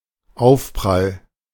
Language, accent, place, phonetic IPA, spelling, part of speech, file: German, Germany, Berlin, [ˈaʊ̯fˌpʁal], Aufprall, noun, De-Aufprall.ogg
- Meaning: impact (the force or energy of a collision of two objects)